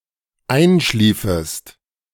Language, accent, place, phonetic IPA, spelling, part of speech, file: German, Germany, Berlin, [ˈaɪ̯nˌʃliːfəst], einschliefest, verb, De-einschliefest.ogg
- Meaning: second-person singular dependent subjunctive II of einschlafen